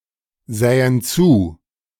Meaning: first/third-person plural subjunctive II of zusehen
- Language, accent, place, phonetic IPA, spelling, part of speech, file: German, Germany, Berlin, [ˌzɛːən ˈt͡suː], sähen zu, verb, De-sähen zu.ogg